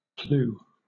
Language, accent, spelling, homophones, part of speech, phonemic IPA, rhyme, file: English, Southern England, clou, clue / clew, noun, /kluː/, -uː, LL-Q1860 (eng)-clou.wav
- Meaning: Something which holds the greatest attention; the chief point of interest